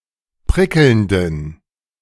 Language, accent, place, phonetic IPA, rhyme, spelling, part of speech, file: German, Germany, Berlin, [ˈpʁɪkl̩ndn̩], -ɪkl̩ndn̩, prickelnden, adjective, De-prickelnden.ogg
- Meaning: inflection of prickelnd: 1. strong genitive masculine/neuter singular 2. weak/mixed genitive/dative all-gender singular 3. strong/weak/mixed accusative masculine singular 4. strong dative plural